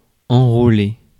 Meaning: to enroll, enlist
- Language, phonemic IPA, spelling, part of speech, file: French, /ɑ̃.ʁo.le/, enrôler, verb, Fr-enrôler.ogg